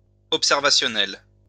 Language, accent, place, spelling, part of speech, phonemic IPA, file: French, France, Lyon, observationnel, adjective, /ɔp.sɛʁ.va.sjɔ.nɛl/, LL-Q150 (fra)-observationnel.wav
- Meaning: observational